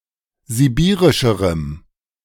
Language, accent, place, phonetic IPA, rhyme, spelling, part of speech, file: German, Germany, Berlin, [ziˈbiːʁɪʃəʁəm], -iːʁɪʃəʁəm, sibirischerem, adjective, De-sibirischerem.ogg
- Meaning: strong dative masculine/neuter singular comparative degree of sibirisch